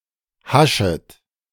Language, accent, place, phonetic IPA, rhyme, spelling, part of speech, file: German, Germany, Berlin, [ˈhaʃət], -aʃət, haschet, verb, De-haschet.ogg
- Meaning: second-person plural subjunctive I of haschen